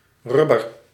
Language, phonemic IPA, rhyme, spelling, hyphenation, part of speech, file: Dutch, /ˈrʏ.bər/, -ʏbər, rubber, rub‧ber, noun, Nl-rubber.ogg
- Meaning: 1. rubber (pliable material derived from the sap of the rubber tree) 2. piece of rubber used in machines 3. a condom